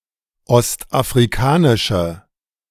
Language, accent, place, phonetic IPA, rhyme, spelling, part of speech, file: German, Germany, Berlin, [ˌɔstʔafʁiˈkaːnɪʃə], -aːnɪʃə, ostafrikanische, adjective, De-ostafrikanische.ogg
- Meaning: inflection of ostafrikanisch: 1. strong/mixed nominative/accusative feminine singular 2. strong nominative/accusative plural 3. weak nominative all-gender singular